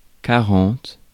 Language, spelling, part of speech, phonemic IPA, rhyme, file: French, quarante, numeral, /ka.ʁɑ̃t/, -ɑ̃t, Fr-quarante.ogg
- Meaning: forty